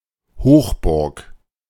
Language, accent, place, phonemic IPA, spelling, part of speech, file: German, Germany, Berlin, /ˈhoːxˌbʊʁk/, Hochburg, noun, De-Hochburg.ogg
- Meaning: fortress located on top of a hill or mountain